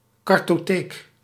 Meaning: 1. a file system 2. a collection of maps, a cartographic library
- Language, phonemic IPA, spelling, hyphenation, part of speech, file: Dutch, /ˌkɑr.toːˈteːk/, cartotheek, car‧to‧theek, noun, Nl-cartotheek.ogg